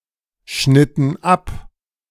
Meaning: inflection of abschneiden: 1. first/third-person plural preterite 2. first/third-person plural subjunctive II
- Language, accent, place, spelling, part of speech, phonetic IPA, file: German, Germany, Berlin, schnitten ab, verb, [ˌʃnɪtn̩ ˈap], De-schnitten ab.ogg